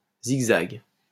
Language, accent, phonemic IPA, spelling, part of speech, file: French, France, /ziɡ.zaɡ/, zigzag, noun, LL-Q150 (fra)-zigzag.wav
- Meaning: zigzag